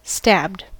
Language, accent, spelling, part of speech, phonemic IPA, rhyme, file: English, US, stabbed, verb, /stæbd/, -æbd, En-us-stabbed.ogg
- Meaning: simple past and past participle of stab